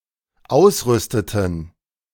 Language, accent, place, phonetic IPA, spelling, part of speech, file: German, Germany, Berlin, [ˈaʊ̯sˌʁʏstətn̩], ausrüsteten, verb, De-ausrüsteten.ogg
- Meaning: inflection of ausrüsten: 1. first/third-person plural dependent preterite 2. first/third-person plural dependent subjunctive II